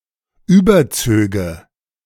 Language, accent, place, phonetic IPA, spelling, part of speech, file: German, Germany, Berlin, [ˈyːbɐˌt͡søːɡə], überzöge, verb, De-überzöge.ogg
- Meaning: first/third-person singular subjunctive II of überziehen